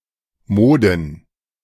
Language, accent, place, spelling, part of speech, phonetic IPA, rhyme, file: German, Germany, Berlin, Moden, noun, [ˈmoːdn̩], -oːdn̩, De-Moden.ogg
- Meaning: plural of Mode